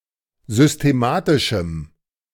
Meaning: strong dative masculine/neuter singular of systematisch
- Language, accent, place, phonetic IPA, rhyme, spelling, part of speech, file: German, Germany, Berlin, [zʏsteˈmaːtɪʃm̩], -aːtɪʃm̩, systematischem, adjective, De-systematischem.ogg